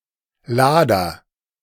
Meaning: 1. loader 2. blower
- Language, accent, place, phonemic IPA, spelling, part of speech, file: German, Germany, Berlin, /ˈlaːdɐ/, Lader, noun, De-Lader.ogg